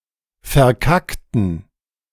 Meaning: inflection of verkacken: 1. first/third-person plural preterite 2. first/third-person plural subjunctive II
- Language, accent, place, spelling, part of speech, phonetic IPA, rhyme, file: German, Germany, Berlin, verkackten, adjective / verb, [fɛɐ̯ˈkaktn̩], -aktn̩, De-verkackten.ogg